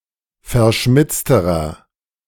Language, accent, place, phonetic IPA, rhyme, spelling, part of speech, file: German, Germany, Berlin, [fɛɐ̯ˈʃmɪt͡stəʁɐ], -ɪt͡stəʁɐ, verschmitzterer, adjective, De-verschmitzterer.ogg
- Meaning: inflection of verschmitzt: 1. strong/mixed nominative masculine singular comparative degree 2. strong genitive/dative feminine singular comparative degree 3. strong genitive plural comparative degree